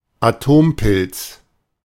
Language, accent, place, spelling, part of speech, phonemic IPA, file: German, Germany, Berlin, Atompilz, noun, /aˈtoːmˌpɪl(t)s/, De-Atompilz.ogg
- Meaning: a mushroom cloud following a nuclear explosion